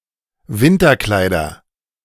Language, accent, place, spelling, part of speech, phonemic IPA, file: German, Germany, Berlin, Winterkleider, noun, /ˈvɪntɐˌklaɪ̯dɐ/, De-Winterkleider.ogg
- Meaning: nominative/accusative/genitive plural of Winterkleid